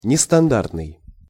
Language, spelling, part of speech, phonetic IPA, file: Russian, нестандартный, adjective, [nʲɪstɐnˈdartnɨj], Ru-нестандартный.ogg
- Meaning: 1. nonstandard 2. irregular 3. non-typical 4. custom